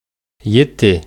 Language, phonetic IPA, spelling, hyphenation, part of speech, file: Bashkir, [jɪ̞ˈtɪ̞], ете, е‧те, numeral, Ba-ете.ogg
- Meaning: seven